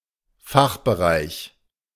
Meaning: 1. faculty (of a university etc.) 2. department (subdivision of a faculty) 3. field of expertise
- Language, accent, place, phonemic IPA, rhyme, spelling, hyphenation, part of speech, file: German, Germany, Berlin, /ˈfaxbəˌʁaɪ̯ç/, -aɪ̯ç, Fachbereich, Fach‧be‧reich, noun, De-Fachbereich.ogg